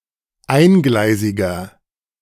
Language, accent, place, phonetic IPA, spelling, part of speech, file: German, Germany, Berlin, [ˈaɪ̯nˌɡlaɪ̯zɪɡɐ], eingleisiger, adjective, De-eingleisiger.ogg
- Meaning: inflection of eingleisig: 1. strong/mixed nominative masculine singular 2. strong genitive/dative feminine singular 3. strong genitive plural